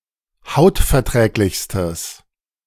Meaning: strong/mixed nominative/accusative neuter singular superlative degree of hautverträglich
- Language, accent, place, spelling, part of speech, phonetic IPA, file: German, Germany, Berlin, hautverträglichstes, adjective, [ˈhaʊ̯tfɛɐ̯ˌtʁɛːklɪçstəs], De-hautverträglichstes.ogg